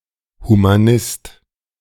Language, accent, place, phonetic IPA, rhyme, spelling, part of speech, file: German, Germany, Berlin, [ˌhumaˈnɪst], -ɪst, Humanist, noun, De-Humanist.ogg
- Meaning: humanist